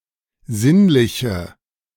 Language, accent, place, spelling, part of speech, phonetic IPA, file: German, Germany, Berlin, sinnliche, adjective, [ˈzɪnlɪçə], De-sinnliche.ogg
- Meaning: inflection of sinnlich: 1. strong/mixed nominative/accusative feminine singular 2. strong nominative/accusative plural 3. weak nominative all-gender singular